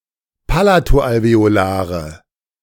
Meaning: inflection of palato-alveolar: 1. strong/mixed nominative/accusative feminine singular 2. strong nominative/accusative plural 3. weak nominative all-gender singular
- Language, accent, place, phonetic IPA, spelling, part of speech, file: German, Germany, Berlin, [ˈpalatoʔalveoˌlaːʁə], palato-alveolare, adjective, De-palato-alveolare.ogg